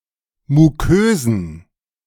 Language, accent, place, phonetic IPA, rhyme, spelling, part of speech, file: German, Germany, Berlin, [muˈkøːzn̩], -øːzn̩, mukösen, adjective, De-mukösen.ogg
- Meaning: inflection of mukös: 1. strong genitive masculine/neuter singular 2. weak/mixed genitive/dative all-gender singular 3. strong/weak/mixed accusative masculine singular 4. strong dative plural